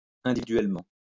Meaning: 1. individually 2. personally
- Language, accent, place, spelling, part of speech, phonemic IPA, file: French, France, Lyon, individuellement, adverb, /ɛ̃.di.vi.dɥɛl.mɑ̃/, LL-Q150 (fra)-individuellement.wav